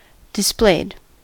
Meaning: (verb) simple past and past participle of display; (adjective) 1. Spread out; unfurled 2. Spread open to view; shown off 3. With wings unfurled
- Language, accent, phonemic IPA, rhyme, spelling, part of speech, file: English, US, /dɪsˈpleɪd/, -eɪd, displayed, verb / adjective, En-us-displayed.ogg